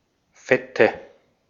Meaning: nominative/accusative/genitive plural of Fett
- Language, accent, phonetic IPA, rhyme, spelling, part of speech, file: German, Austria, [ˈfɛtə], -ɛtə, Fette, noun, De-at-Fette.ogg